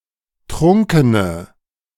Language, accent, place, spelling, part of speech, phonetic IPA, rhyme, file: German, Germany, Berlin, trunkene, adjective, [ˈtʁʊŋkənə], -ʊŋkənə, De-trunkene.ogg
- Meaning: inflection of trunken: 1. strong/mixed nominative/accusative feminine singular 2. strong nominative/accusative plural 3. weak nominative all-gender singular 4. weak accusative feminine/neuter singular